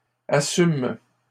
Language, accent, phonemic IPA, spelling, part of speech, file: French, Canada, /a.sym/, assument, verb, LL-Q150 (fra)-assument.wav
- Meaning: third-person plural present indicative/subjunctive of assumer